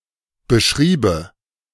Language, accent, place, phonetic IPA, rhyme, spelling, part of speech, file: German, Germany, Berlin, [bəˈʃʁiːbə], -iːbə, beschriebe, verb, De-beschriebe.ogg
- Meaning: first/third-person singular subjunctive II of beschreiben